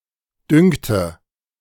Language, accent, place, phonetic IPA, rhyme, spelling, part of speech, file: German, Germany, Berlin, [ˈdʏŋtə], -ʏŋtə, düngte, verb, De-düngte.ogg
- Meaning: inflection of düngen: 1. first/third-person singular preterite 2. first/third-person singular subjunctive II